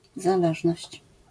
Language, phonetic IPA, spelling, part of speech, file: Polish, [zaˈlɛʒnɔɕt͡ɕ], zależność, noun, LL-Q809 (pol)-zależność.wav